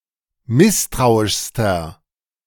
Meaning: inflection of misstrauisch: 1. strong/mixed nominative masculine singular superlative degree 2. strong genitive/dative feminine singular superlative degree 3. strong genitive plural superlative degree
- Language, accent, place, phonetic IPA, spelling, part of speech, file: German, Germany, Berlin, [ˈmɪstʁaʊ̯ɪʃstɐ], misstrauischster, adjective, De-misstrauischster.ogg